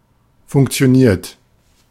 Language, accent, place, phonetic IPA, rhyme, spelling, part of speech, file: German, Germany, Berlin, [fʊŋkt͡si̯oˈniːɐ̯t], -iːɐ̯t, funktioniert, verb, De-funktioniert.ogg
- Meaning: 1. past participle of funktionieren 2. inflection of funktionieren: third-person singular present 3. inflection of funktionieren: second-person plural present